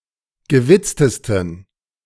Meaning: 1. superlative degree of gewitzt 2. inflection of gewitzt: strong genitive masculine/neuter singular superlative degree
- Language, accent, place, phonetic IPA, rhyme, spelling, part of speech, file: German, Germany, Berlin, [ɡəˈvɪt͡stəstn̩], -ɪt͡stəstn̩, gewitztesten, adjective, De-gewitztesten.ogg